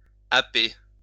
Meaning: 1. to snatch by the mouth, to snap up (typically of animals) 2. to grab, to seize 3. to strike forcefully 4. to catch off guard; take by surprise
- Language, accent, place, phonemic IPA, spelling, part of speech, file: French, France, Lyon, /a.pe/, happer, verb, LL-Q150 (fra)-happer.wav